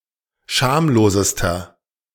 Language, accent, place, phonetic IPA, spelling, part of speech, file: German, Germany, Berlin, [ˈʃaːmloːzəstɐ], schamlosester, adjective, De-schamlosester.ogg
- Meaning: inflection of schamlos: 1. strong/mixed nominative masculine singular superlative degree 2. strong genitive/dative feminine singular superlative degree 3. strong genitive plural superlative degree